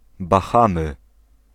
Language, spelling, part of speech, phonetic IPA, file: Polish, Bahamy, proper noun, [baˈxãmɨ], Pl-Bahamy.ogg